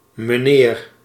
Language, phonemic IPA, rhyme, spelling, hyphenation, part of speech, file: Dutch, /məˈneːr/, -eːr, meneer, me‧neer, noun, Nl-meneer.ogg
- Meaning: sir, mister